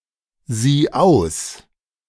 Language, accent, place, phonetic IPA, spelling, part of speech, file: German, Germany, Berlin, [ˌziː ˈaʊ̯s], sieh aus, verb, De-sieh aus.ogg
- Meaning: singular imperative of aussehen